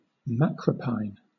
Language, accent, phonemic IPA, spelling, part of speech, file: English, Southern England, /ˈmækɹəpaɪn/, macropine, adjective, LL-Q1860 (eng)-macropine.wav
- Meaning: Of or relating to the kangaroo or the wallaroo